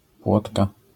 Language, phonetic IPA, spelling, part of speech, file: Polish, [ˈpwɔtka], płotka, noun, LL-Q809 (pol)-płotka.wav